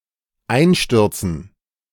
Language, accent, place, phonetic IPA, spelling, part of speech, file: German, Germany, Berlin, [ˈaɪ̯nˌʃtʏʁt͡sn̩], Einstürzen, noun, De-Einstürzen.ogg
- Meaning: dative plural of Einsturz